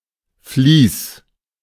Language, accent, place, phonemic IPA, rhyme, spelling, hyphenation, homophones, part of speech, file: German, Germany, Berlin, /ˈfliːs/, -iːs, Fließ, Fließ, Fleece / fließ / Vlies, noun / proper noun, De-Fließ.ogg
- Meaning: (noun) brook, small stream; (proper noun) a municipality of Tyrol, Austria